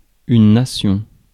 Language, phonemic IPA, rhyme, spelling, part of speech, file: French, /na.sjɔ̃/, -ɔ̃, nation, noun, Fr-nation.ogg
- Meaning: nation